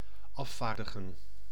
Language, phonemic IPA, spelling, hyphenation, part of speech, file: Dutch, /ˈɑfaːrdəɣə(n)/, afvaardigen, af‧vaar‧di‧gen, verb, Nl-afvaardigen.ogg
- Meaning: to delegate